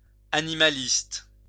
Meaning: animal rights activist
- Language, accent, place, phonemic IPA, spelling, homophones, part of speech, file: French, France, Lyon, /a.ni.ma.list/, animaliste, animalistes, noun, LL-Q150 (fra)-animaliste.wav